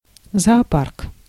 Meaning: zoo
- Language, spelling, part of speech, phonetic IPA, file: Russian, зоопарк, noun, [zɐɐˈpark], Ru-зоопарк.ogg